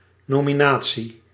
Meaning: nomination
- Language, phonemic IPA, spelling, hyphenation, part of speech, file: Dutch, /ˌnoː.miˈnaː.(t)si/, nominatie, no‧mi‧na‧tie, noun, Nl-nominatie.ogg